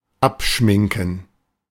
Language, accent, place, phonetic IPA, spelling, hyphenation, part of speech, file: German, Germany, Berlin, [ˈapˌʃmɪŋkn̩], abschminken, ab‧schmin‧ken, verb, De-abschminken.ogg
- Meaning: 1. to remove makeup 2. to forget about, to dismiss (a plan or idea that will/would not be realized due to new circumstances)